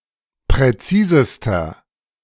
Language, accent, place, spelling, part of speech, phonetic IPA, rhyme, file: German, Germany, Berlin, präzisester, adjective, [pʁɛˈt͡siːzəstɐ], -iːzəstɐ, De-präzisester.ogg
- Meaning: inflection of präzis: 1. strong/mixed nominative masculine singular superlative degree 2. strong genitive/dative feminine singular superlative degree 3. strong genitive plural superlative degree